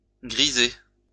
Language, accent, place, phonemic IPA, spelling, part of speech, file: French, France, Lyon, /ɡʁi.zɛ/, griset, noun, LL-Q150 (fra)-griset.wav
- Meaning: 1. greypate, graypate (young goldfinch) 2. synonym of requin griset: cow shark (Hexanchidae spp.), especially bluntnose sixgill shark (Hexanchus griseus) 3. black seabream (Spondyliosoma cantharus)